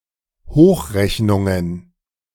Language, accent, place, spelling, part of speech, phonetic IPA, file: German, Germany, Berlin, Hochrechnungen, noun, [ˈhoːxˌʁɛçnʊŋən], De-Hochrechnungen.ogg
- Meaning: plural of Hochrechnung